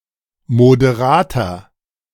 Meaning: 1. comparative degree of moderat 2. inflection of moderat: strong/mixed nominative masculine singular 3. inflection of moderat: strong genitive/dative feminine singular
- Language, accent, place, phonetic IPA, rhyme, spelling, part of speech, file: German, Germany, Berlin, [modeˈʁaːtɐ], -aːtɐ, moderater, adjective, De-moderater.ogg